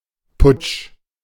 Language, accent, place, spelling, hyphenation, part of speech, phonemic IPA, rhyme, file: German, Germany, Berlin, Putsch, Putsch, noun, /pʊt͡ʃ/, -ʊt͡ʃ, De-Putsch.ogg
- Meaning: coup d'état, armed uprising, putsch